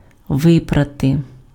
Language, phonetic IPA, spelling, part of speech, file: Ukrainian, [ˈʋɪprɐte], випрати, verb, Uk-випрати.ogg
- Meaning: to wash, to launder (remove dirt from clothes, fabrics etc.)